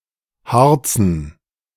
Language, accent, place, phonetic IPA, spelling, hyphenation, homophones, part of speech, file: German, Germany, Berlin, [ˈhaʁt͡sn̩], hartzen, hart‧zen, harzen, verb, De-hartzen.ogg
- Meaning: 1. to live off welfare (i.e. Hartz IV) 2. to be lazy